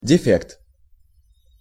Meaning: defect, blemish
- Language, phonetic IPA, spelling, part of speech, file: Russian, [dʲɪˈfʲekt], дефект, noun, Ru-дефект.ogg